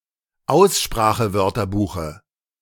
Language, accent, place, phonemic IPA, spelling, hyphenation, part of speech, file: German, Germany, Berlin, /ˈaʊ̯sʃpʁaːxəˌvœʁtɐbuːxə/, Aussprachewörterbuche, Aus‧spra‧che‧wör‧ter‧bu‧che, noun, De-Aussprachewörterbuche.ogg
- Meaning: dative singular of Aussprachewörterbuch